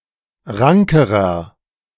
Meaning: inflection of rank: 1. strong/mixed nominative masculine singular comparative degree 2. strong genitive/dative feminine singular comparative degree 3. strong genitive plural comparative degree
- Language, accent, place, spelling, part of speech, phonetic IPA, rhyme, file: German, Germany, Berlin, rankerer, adjective, [ˈʁaŋkəʁɐ], -aŋkəʁɐ, De-rankerer.ogg